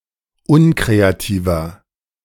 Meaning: 1. comparative degree of unkreativ 2. inflection of unkreativ: strong/mixed nominative masculine singular 3. inflection of unkreativ: strong genitive/dative feminine singular
- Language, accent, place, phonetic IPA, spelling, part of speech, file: German, Germany, Berlin, [ˈʊnkʁeaˌtiːvɐ], unkreativer, adjective, De-unkreativer.ogg